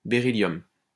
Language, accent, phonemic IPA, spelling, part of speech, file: French, France, /be.ʁi.ljɔm/, béryllium, noun, LL-Q150 (fra)-béryllium.wav
- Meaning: beryllium